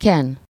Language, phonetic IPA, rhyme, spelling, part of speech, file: Hungarian, [ˈkɛn], -ɛn, ken, verb, Hu-ken.ogg
- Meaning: to smear